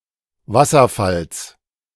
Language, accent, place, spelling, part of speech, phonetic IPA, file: German, Germany, Berlin, Wasserfalls, noun, [ˈvasɐˌfals], De-Wasserfalls.ogg
- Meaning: genitive singular of Wasserfall